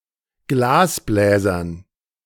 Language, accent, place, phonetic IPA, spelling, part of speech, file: German, Germany, Berlin, [ˈɡlaːsˌblɛːzɐn], Glasbläsern, noun, De-Glasbläsern.ogg
- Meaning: dative plural of Glasbläser